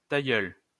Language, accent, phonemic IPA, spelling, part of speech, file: French, France, /ta jœl/, ta yeule, interjection, LL-Q150 (fra)-ta yeule.wav
- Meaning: shut up: alternative form of ta gueule